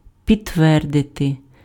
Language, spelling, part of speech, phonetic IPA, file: Ukrainian, підтвердити, verb, [pʲidtˈʋɛrdete], Uk-підтвердити.ogg
- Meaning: to confirm, to corroborate, to bear out